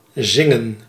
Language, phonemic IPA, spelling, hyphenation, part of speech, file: Dutch, /ˈzɪ.ŋə(n)/, zingen, zin‧gen, verb, Nl-zingen.ogg
- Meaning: 1. to sing 2. to sing, to blab to the police, to confess under interrogation